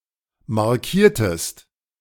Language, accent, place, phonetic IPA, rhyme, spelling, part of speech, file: German, Germany, Berlin, [maʁˈkiːɐ̯təst], -iːɐ̯təst, markiertest, verb, De-markiertest.ogg
- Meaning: inflection of markieren: 1. second-person singular preterite 2. second-person singular subjunctive II